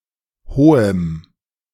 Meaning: strong dative masculine/neuter singular of hoch
- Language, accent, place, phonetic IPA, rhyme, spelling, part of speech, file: German, Germany, Berlin, [ˈhoːəm], -oːəm, hohem, adjective, De-hohem.ogg